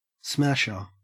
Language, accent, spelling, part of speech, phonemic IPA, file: English, Australia, smasher, noun, /smæʃɚ/, En-au-smasher.ogg
- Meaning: 1. Something that, or someone who, smashes 2. Something that, or someone who, smashes.: A person employed to break up waste rock 3. An attractive person (see also smashing)